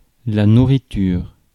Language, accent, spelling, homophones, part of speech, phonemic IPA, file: French, France, nourriture, nourritures, noun, /nu.ʁi.tyʁ/, Fr-nourriture.ogg
- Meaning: food, nourishment